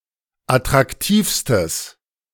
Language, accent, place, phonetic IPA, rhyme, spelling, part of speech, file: German, Germany, Berlin, [atʁakˈtiːfstəs], -iːfstəs, attraktivstes, adjective, De-attraktivstes.ogg
- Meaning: strong/mixed nominative/accusative neuter singular superlative degree of attraktiv